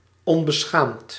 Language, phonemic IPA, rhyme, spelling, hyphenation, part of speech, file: Dutch, /ˌɔn.bəˈsxaːmt/, -aːmt, onbeschaamd, on‧be‧schaamd, adjective, Nl-onbeschaamd.ogg
- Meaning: shameless, impudent